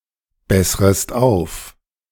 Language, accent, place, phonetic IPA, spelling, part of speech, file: German, Germany, Berlin, [ˌbɛsʁəst ˈaʊ̯f], bessrest auf, verb, De-bessrest auf.ogg
- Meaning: second-person singular subjunctive I of aufbessern